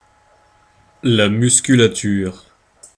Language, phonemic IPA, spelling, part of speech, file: French, /mys.ky.la.tyʁ/, musculature, noun, Fr-musculature.ogg
- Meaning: musculature